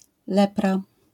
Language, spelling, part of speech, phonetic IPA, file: Polish, lepra, noun, [ˈlɛpra], LL-Q809 (pol)-lepra.wav